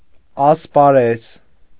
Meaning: 1. sphere; area, domain, field, realm 2. racecourse, hippodrome 3. arena 4. stadion (a unit of distance)
- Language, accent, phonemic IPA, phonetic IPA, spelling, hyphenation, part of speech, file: Armenian, Eastern Armenian, /ɑspɑˈɾez/, [ɑspɑɾéz], ասպարեզ, աս‧պա‧րեզ, noun, Hy-ասպարեզ.ogg